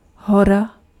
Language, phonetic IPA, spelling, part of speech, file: Czech, [ˈɦora], hora, noun, Cs-hora.ogg
- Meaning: 1. mountain 2. a lot, tons